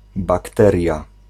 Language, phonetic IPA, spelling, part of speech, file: Polish, [bakˈtɛrʲja], bakteria, noun, Pl-bakteria.ogg